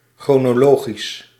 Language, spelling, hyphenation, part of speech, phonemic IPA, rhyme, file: Dutch, chronologisch, chro‧no‧lo‧gisch, adjective, /ˌxroː.noːˈloː.ɣis/, -oːɣis, Nl-chronologisch.ogg
- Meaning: chronological